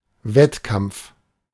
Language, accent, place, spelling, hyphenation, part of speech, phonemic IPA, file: German, Germany, Berlin, Wettkampf, Wett‧kampf, noun, /ˈvɛtˌkam(p)f/, De-Wettkampf.ogg
- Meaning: contest (competition)